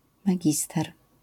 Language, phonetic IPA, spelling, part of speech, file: Polish, [maˈɟistɛr], magister, noun, LL-Q809 (pol)-magister.wav